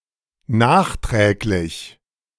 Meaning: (adjective) 1. subsequent 2. additional 3. belated; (adverb) 1. subsequently 2. afterwards 3. belatedly
- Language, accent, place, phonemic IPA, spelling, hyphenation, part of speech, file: German, Germany, Berlin, /ˈnaːχˌtʁeːklɪç/, nachträglich, nach‧träg‧lich, adjective / adverb, De-nachträglich.ogg